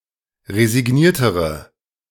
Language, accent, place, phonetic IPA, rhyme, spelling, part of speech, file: German, Germany, Berlin, [ʁezɪˈɡniːɐ̯təʁə], -iːɐ̯təʁə, resigniertere, adjective, De-resigniertere.ogg
- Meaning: inflection of resigniert: 1. strong/mixed nominative/accusative feminine singular comparative degree 2. strong nominative/accusative plural comparative degree